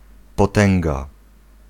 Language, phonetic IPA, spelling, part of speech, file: Polish, [pɔˈtɛ̃ŋɡa], potęga, noun, Pl-potęga.ogg